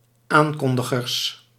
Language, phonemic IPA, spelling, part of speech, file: Dutch, /ˈaŋkɔndəɣərs/, aankondigers, noun, Nl-aankondigers.ogg
- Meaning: plural of aankondiger